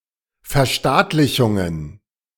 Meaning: plural of Verstaatlichung
- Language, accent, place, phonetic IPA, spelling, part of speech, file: German, Germany, Berlin, [fɛɐ̯ˈʃtaːtlɪçʊŋən], Verstaatlichungen, noun, De-Verstaatlichungen.ogg